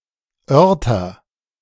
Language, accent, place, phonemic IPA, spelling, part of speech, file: German, Germany, Berlin, /ˈœʁtɐ/, Örter, noun, De-Örter.ogg
- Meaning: nominative/accusative/genitive plural of Ort